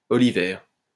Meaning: olive
- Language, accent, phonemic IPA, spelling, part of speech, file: French, France, /ɔ.li.vɛʁ/, olivaire, adjective, LL-Q150 (fra)-olivaire.wav